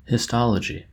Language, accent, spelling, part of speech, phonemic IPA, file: English, US, histology, noun, /hɪsˈtɒləd͡ʒi/, En-us-histology.oga
- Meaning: The study of the microscopic structure, chemical composition and function of the tissue or tissue systems of plants and animals